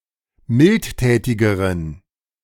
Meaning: inflection of mildtätig: 1. strong genitive masculine/neuter singular comparative degree 2. weak/mixed genitive/dative all-gender singular comparative degree
- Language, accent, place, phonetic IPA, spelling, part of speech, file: German, Germany, Berlin, [ˈmɪltˌtɛːtɪɡəʁən], mildtätigeren, adjective, De-mildtätigeren.ogg